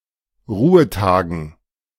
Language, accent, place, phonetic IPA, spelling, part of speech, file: German, Germany, Berlin, [ˈʁuːəˌtaːɡn̩], Ruhetagen, noun, De-Ruhetagen.ogg
- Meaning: dative plural of Ruhetag